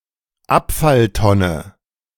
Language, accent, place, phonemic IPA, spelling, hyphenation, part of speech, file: German, Germany, Berlin, /ˈapfalˌtɔnə/, Abfalltonne, Ab‧fall‧ton‧ne, noun, De-Abfalltonne.ogg
- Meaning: garbage can, recycle bin